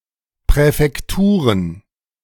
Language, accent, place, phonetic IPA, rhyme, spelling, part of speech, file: German, Germany, Berlin, [pʁɛfɛkˈtuːʁən], -uːʁən, Präfekturen, noun, De-Präfekturen.ogg
- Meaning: plural of Präfektur